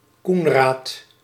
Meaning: a male given name, equivalent to English Conrad
- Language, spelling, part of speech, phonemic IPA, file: Dutch, Koenraad, proper noun, /ˈkunraːt/, Nl-Koenraad.ogg